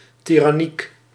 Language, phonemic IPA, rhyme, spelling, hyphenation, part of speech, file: Dutch, /ˌti.rɑˈnik/, -ik, tiranniek, ti‧ran‧niek, adjective, Nl-tiranniek.ogg
- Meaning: 1. tyrannical, (as) under a tyranny 2. tyrannous, with the (notably abusive) characteristics of a tyrant